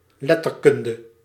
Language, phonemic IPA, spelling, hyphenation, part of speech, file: Dutch, /ˈlɛ.tərˌkʏn.də/, letterkunde, let‧ter‧kun‧de, noun, Nl-letterkunde.ogg
- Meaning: 1. literature 2. the academic study of literature, literary science, literary studies